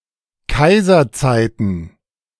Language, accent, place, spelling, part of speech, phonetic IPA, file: German, Germany, Berlin, Kaiserzeiten, noun, [ˈkaɪ̯zɐˌt͡saɪ̯tn̩], De-Kaiserzeiten.ogg
- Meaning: plural of Kaiserzeit